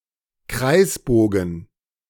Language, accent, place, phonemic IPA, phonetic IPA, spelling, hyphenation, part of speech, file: German, Germany, Berlin, /ˈkraɪ̯sˌboːɡən/, [ˈkraɪ̯sˌboːɡŋ̍], Kreisbogen, Kreis‧bo‧gen, noun, De-Kreisbogen.ogg
- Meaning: circular arc